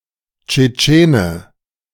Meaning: Chechen (man from Chechnya)
- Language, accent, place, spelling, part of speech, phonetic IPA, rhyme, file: German, Germany, Berlin, Tschetschene, noun, [t͡ʃeˈt͡ʃeːnə], -eːnə, De-Tschetschene.ogg